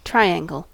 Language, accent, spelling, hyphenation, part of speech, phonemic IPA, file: English, US, triangle, tri‧an‧gle, noun / verb, /ˈtɹaɪˌæŋɡəl/, En-us-triangle.ogg
- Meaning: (noun) 1. A polygon with three sides and three angles 2. A set square